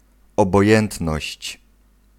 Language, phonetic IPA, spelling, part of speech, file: Polish, [ˌɔbɔˈjɛ̃ntnɔɕt͡ɕ], obojętność, noun, Pl-obojętność.ogg